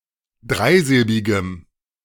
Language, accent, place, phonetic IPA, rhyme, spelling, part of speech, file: German, Germany, Berlin, [ˈdʁaɪ̯ˌzɪlbɪɡəm], -aɪ̯zɪlbɪɡəm, dreisilbigem, adjective, De-dreisilbigem.ogg
- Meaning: strong dative masculine/neuter singular of dreisilbig